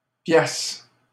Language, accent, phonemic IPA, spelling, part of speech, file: French, Canada, /pjas/, piasse, noun, LL-Q150 (fra)-piasse.wav
- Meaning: alternative spelling of piastre ("dollar, buck")